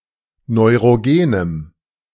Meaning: strong dative masculine/neuter singular of neurogen
- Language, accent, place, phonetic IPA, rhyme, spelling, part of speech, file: German, Germany, Berlin, [nɔɪ̯ʁoˈɡeːnəm], -eːnəm, neurogenem, adjective, De-neurogenem.ogg